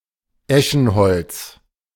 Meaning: ash, ash wood (The wood and timber of the ash.)
- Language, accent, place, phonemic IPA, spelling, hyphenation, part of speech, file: German, Germany, Berlin, /ˈɛʃn̩ˌhɔlt͡s/, Eschenholz, Eschen‧holz, noun, De-Eschenholz.ogg